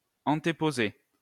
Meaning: to put or place something before something else
- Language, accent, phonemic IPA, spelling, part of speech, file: French, France, /ɑ̃.te.po.ze/, antéposer, verb, LL-Q150 (fra)-antéposer.wav